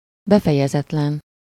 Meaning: unfinished
- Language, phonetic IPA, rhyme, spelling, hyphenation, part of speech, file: Hungarian, [ˈbɛfɛjɛzɛtlɛn], -ɛn, befejezetlen, be‧fe‧je‧zet‧len, adjective, Hu-befejezetlen.ogg